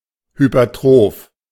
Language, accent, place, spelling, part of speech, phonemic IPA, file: German, Germany, Berlin, hypertroph, adjective, /ˌhypɐˈtʁoːf/, De-hypertroph.ogg
- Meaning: hypertrophic